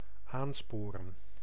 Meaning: to exhort, to urge, to encourage
- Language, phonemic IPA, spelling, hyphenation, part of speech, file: Dutch, /ˈaːnˌspoːrə(n)/, aansporen, aan‧spo‧ren, verb, Nl-aansporen.ogg